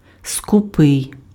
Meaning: stingy
- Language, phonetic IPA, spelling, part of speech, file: Ukrainian, [skʊˈpɪi̯], скупий, adjective, Uk-скупий.ogg